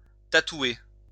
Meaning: to tattoo
- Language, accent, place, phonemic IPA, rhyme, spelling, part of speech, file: French, France, Lyon, /ta.twe/, -we, tatouer, verb, LL-Q150 (fra)-tatouer.wav